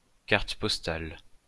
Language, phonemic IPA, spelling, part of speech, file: French, /kaʁ.t(ə) pɔs.tal/, carte postale, noun, LL-Q150 (fra)-carte postale.wav
- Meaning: postcard